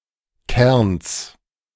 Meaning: genitive singular of Kern
- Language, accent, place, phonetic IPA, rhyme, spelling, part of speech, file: German, Germany, Berlin, [kɛʁns], -ɛʁns, Kerns, noun, De-Kerns.ogg